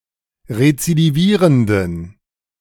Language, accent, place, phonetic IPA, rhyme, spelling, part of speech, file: German, Germany, Berlin, [ʁet͡sidiˈviːʁəndn̩], -iːʁəndn̩, rezidivierenden, adjective, De-rezidivierenden.ogg
- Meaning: inflection of rezidivierend: 1. strong genitive masculine/neuter singular 2. weak/mixed genitive/dative all-gender singular 3. strong/weak/mixed accusative masculine singular 4. strong dative plural